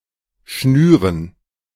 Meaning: dative plural of Schnur
- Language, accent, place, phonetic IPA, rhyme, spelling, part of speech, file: German, Germany, Berlin, [ˈʃnyːʁən], -yːʁən, Schnüren, noun, De-Schnüren.ogg